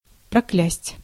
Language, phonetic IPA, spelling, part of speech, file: Russian, [prɐˈklʲæsʲtʲ], проклясть, verb, Ru-проклясть.ogg
- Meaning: to curse, to damn